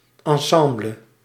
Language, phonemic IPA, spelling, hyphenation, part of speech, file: Dutch, /ˌɑnˈsɑm.blə/, ensemble, en‧sem‧ble, noun, Nl-ensemble.ogg
- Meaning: 1. ensemble 2. ensemble (group of musicians) 3. troupe